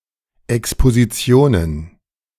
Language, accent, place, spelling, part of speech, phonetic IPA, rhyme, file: German, Germany, Berlin, Expositionen, noun, [ɛkspoziˈt͡si̯oːnən], -oːnən, De-Expositionen2.ogg
- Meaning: plural of Exposition